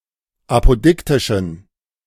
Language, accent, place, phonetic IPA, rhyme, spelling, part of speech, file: German, Germany, Berlin, [ˌapoˈdɪktɪʃn̩], -ɪktɪʃn̩, apodiktischen, adjective, De-apodiktischen.ogg
- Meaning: inflection of apodiktisch: 1. strong genitive masculine/neuter singular 2. weak/mixed genitive/dative all-gender singular 3. strong/weak/mixed accusative masculine singular 4. strong dative plural